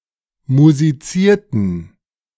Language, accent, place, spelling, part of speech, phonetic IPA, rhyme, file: German, Germany, Berlin, musizierten, verb, [muziˈt͡siːɐ̯tn̩], -iːɐ̯tn̩, De-musizierten.ogg
- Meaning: inflection of musizieren: 1. first/third-person plural preterite 2. first/third-person plural subjunctive II